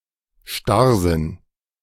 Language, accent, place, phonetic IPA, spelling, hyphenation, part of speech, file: German, Germany, Berlin, [ˈʃtaʁzɪn], Starrsinn, Starr‧sinn, noun, De-Starrsinn.ogg
- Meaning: stubbornness